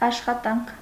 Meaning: 1. work, labor 2. work, operation, functioning 3. result of work 4. job, employment, occupation 5. work; (scientific) paper
- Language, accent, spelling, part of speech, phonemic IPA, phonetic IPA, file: Armenian, Eastern Armenian, աշխատանք, noun, /ɑʃχɑˈtɑnkʰ/, [ɑʃχɑtɑ́ŋkʰ], Hy-աշխատանք.ogg